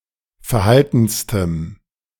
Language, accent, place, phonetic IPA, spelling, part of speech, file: German, Germany, Berlin, [fɛɐ̯ˈhaltn̩stəm], verhaltenstem, adjective, De-verhaltenstem.ogg
- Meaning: strong dative masculine/neuter singular superlative degree of verhalten